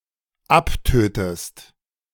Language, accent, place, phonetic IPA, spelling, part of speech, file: German, Germany, Berlin, [ˈapˌtøːtəst], abtötest, verb, De-abtötest.ogg
- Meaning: inflection of abtöten: 1. second-person singular dependent present 2. second-person singular dependent subjunctive I